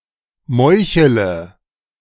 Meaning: inflection of meucheln: 1. first-person singular present 2. first/third-person singular subjunctive I 3. singular imperative
- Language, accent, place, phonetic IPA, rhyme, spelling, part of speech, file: German, Germany, Berlin, [ˈmɔɪ̯çələ], -ɔɪ̯çələ, meuchele, verb, De-meuchele.ogg